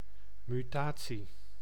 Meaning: mutation
- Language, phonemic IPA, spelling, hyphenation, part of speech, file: Dutch, /ˌmyˈtaː.(t)si/, mutatie, mu‧ta‧tie, noun, Nl-mutatie.ogg